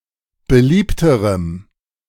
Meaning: strong dative masculine/neuter singular comparative degree of beliebt
- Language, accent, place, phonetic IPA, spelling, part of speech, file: German, Germany, Berlin, [bəˈliːptəʁəm], beliebterem, adjective, De-beliebterem.ogg